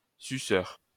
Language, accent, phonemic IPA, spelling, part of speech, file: French, France, /sy.sœʁ/, suceur, adjective / noun, LL-Q150 (fra)-suceur.wav
- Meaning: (adjective) sucking; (noun) 1. any insect that ingests food with a proboscis 2. flatterer, sycophant 3. fellator or cunnilinguist 4. male homosexual 5. vampire